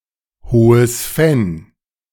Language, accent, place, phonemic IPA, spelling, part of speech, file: German, Germany, Berlin, /ˈhoːəs fɛn/, Hohes Venn, proper noun, De-Hohes Venn.ogg
- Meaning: High Fens (boggy region in eastern Belgium and western Germany)